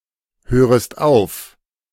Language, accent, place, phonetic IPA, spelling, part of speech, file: German, Germany, Berlin, [ˌhøːʁəst ˈaʊ̯f], hörest auf, verb, De-hörest auf.ogg
- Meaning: second-person singular subjunctive I of aufhören